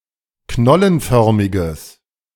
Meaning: strong/mixed nominative/accusative neuter singular of knollenförmig
- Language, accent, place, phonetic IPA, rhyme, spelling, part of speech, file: German, Germany, Berlin, [ˈknɔlənˌfœʁmɪɡəs], -ɔlənfœʁmɪɡəs, knollenförmiges, adjective, De-knollenförmiges.ogg